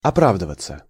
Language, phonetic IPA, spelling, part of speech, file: Russian, [ɐˈpravdɨvət͡sə], оправдываться, verb, Ru-оправдываться.ogg
- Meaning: 1. to justify/vindicate oneself, to justify one's actions 2. to try to prove one's innocence, to justify oneself, to give excuses 3. to prove/come true, to be justified; to prove to be correct